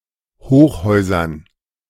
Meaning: dative plural of Hochhaus
- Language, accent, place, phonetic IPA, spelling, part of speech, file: German, Germany, Berlin, [ˈhoːxˌhɔɪ̯zɐn], Hochhäusern, noun, De-Hochhäusern.ogg